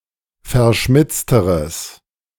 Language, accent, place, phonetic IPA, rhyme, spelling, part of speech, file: German, Germany, Berlin, [fɛɐ̯ˈʃmɪt͡stəʁəs], -ɪt͡stəʁəs, verschmitzteres, adjective, De-verschmitzteres.ogg
- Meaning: strong/mixed nominative/accusative neuter singular comparative degree of verschmitzt